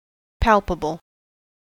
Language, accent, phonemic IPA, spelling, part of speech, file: English, US, /ˈpælpəbəl/, palpable, adjective, En-us-palpable.ogg
- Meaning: 1. Capable of being touched, felt or handled; touchable, tangible 2. Obvious or easily perceived; noticeable 3. That can be detected by palpation